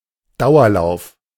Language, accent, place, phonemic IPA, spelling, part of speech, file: German, Germany, Berlin, /ˈdaʊ̯ɐˌlaʊ̯f/, Dauerlauf, noun, De-Dauerlauf.ogg
- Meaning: endurance run